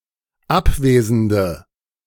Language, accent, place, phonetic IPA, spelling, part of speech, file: German, Germany, Berlin, [ˈapˌveːzəndə], abwesende, adjective, De-abwesende.ogg
- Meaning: inflection of abwesend: 1. strong/mixed nominative/accusative feminine singular 2. strong nominative/accusative plural 3. weak nominative all-gender singular